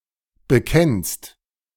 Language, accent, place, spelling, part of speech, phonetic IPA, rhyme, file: German, Germany, Berlin, bekennst, verb, [bəˈkɛnst], -ɛnst, De-bekennst.ogg
- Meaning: second-person singular present of bekennen